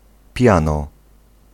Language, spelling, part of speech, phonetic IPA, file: Polish, piano, adverb / noun / verb, [ˈpʲjãnɔ], Pl-piano.ogg